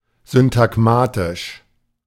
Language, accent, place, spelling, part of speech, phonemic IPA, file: German, Germany, Berlin, syntagmatisch, adjective, /zʏntaɡˈmaːtɪʃ/, De-syntagmatisch.ogg
- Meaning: syntagmatic